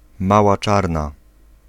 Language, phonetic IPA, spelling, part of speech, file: Polish, [ˈmawa ˈt͡ʃarna], mała czarna, noun, Pl-mała czarna.ogg